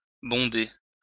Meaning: to fill up
- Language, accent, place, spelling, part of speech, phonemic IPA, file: French, France, Lyon, bonder, verb, /bɔ̃.de/, LL-Q150 (fra)-bonder.wav